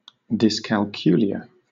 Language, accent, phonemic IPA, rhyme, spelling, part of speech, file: English, Southern England, /ˌdɪskælˈkjuːli.ə/, -uːliə, dyscalculia, noun, LL-Q1860 (eng)-dyscalculia.wav
- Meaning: A learning disability characterized by significantly below average mathematical ability